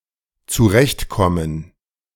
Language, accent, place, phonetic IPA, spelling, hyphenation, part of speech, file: German, Germany, Berlin, [t͡suˈʁɛçtˌkɔmən], zurechtkommen, zu‧recht‧kom‧men, verb, De-zurechtkommen.ogg
- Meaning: 1. to cope, to deal 2. to get on, get along 3. to get along, to manage, to do well